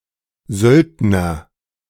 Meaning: mercenary, sellsword
- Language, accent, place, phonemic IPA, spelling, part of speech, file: German, Germany, Berlin, /ˈzœldnər/, Söldner, noun, De-Söldner.ogg